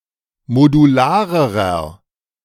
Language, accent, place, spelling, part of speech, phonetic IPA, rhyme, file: German, Germany, Berlin, modularerer, adjective, [moduˈlaːʁəʁɐ], -aːʁəʁɐ, De-modularerer.ogg
- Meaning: inflection of modular: 1. strong/mixed nominative masculine singular comparative degree 2. strong genitive/dative feminine singular comparative degree 3. strong genitive plural comparative degree